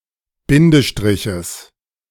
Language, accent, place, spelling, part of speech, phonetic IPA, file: German, Germany, Berlin, Bindestriches, noun, [ˈbɪndəˌʃtʁɪçəs], De-Bindestriches.ogg
- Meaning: genitive singular of Bindestrich